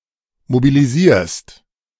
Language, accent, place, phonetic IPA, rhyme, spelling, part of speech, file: German, Germany, Berlin, [mobiliˈziːɐ̯st], -iːɐ̯st, mobilisierst, verb, De-mobilisierst.ogg
- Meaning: second-person singular present of mobilisieren